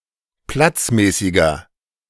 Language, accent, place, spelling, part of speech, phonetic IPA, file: German, Germany, Berlin, platzmäßiger, adjective, [ˈplat͡sˌmɛːsɪɡɐ], De-platzmäßiger.ogg
- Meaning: inflection of platzmäßig: 1. strong/mixed nominative masculine singular 2. strong genitive/dative feminine singular 3. strong genitive plural